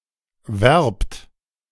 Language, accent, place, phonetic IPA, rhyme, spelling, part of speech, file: German, Germany, Berlin, [vɛʁpt], -ɛʁpt, werbt, verb, De-werbt.ogg
- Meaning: inflection of werben: 1. second-person plural present 2. plural imperative